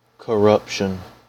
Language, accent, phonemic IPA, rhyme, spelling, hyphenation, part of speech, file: English, US, /kəˈɹʌpʃən/, -ʌpʃən, corruption, cor‧rup‧tion, noun, En-us-corruption.ogg
- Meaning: The act of corrupting or of impairing integrity, virtue, or moral principle; the state of being corrupted or debased; loss of purity or integrity